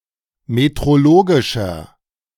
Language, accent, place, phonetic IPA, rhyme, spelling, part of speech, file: German, Germany, Berlin, [metʁoˈloːɡɪʃɐ], -oːɡɪʃɐ, metrologischer, adjective, De-metrologischer.ogg
- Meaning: inflection of metrologisch: 1. strong/mixed nominative masculine singular 2. strong genitive/dative feminine singular 3. strong genitive plural